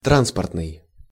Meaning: transportation, transport, shipping
- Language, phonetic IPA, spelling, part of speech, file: Russian, [ˈtranspərtnɨj], транспортный, adjective, Ru-транспортный.ogg